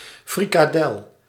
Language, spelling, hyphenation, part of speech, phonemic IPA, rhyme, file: Dutch, frikadel, fri‧ka‧del, noun, /ˌfri.kaːˈdɛl/, -ɛl, Nl-frikadel.ogg
- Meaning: flattened, seasoned meatball